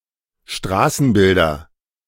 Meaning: nominative/accusative/genitive plural of Straßenbild
- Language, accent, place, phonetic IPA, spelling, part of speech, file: German, Germany, Berlin, [ˈʃtʁaːsn̩ˌbɪldɐ], Straßenbilder, noun, De-Straßenbilder.ogg